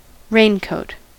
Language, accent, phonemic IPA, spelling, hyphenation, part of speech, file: English, US, /ˈɹeɪnkoʊt/, raincoat, rain‧coat, noun, En-us-raincoat.ogg
- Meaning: 1. A waterproof coat to be worn in the rain; (loosely) any coat or jacket with this purpose 2. A condom